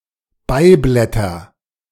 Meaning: nominative/accusative/genitive plural of Beiblatt
- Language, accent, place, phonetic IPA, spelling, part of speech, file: German, Germany, Berlin, [ˈbaɪ̯ˌblɛtɐ], Beiblätter, noun, De-Beiblätter.ogg